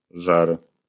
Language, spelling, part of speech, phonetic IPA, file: Polish, żer, noun, [ʒɛr], LL-Q809 (pol)-żer.wav